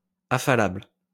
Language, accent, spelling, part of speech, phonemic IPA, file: French, France, affalable, adjective, /a.fa.labl/, LL-Q150 (fra)-affalable.wav
- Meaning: lowerable